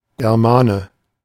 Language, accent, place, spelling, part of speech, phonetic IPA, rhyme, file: German, Germany, Berlin, Germane, noun, [ɡɛʁˈmaːnə], -aːnə, De-Germane.ogg
- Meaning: Germanic, German (member of a Germanic tribe; male or unspecified gender)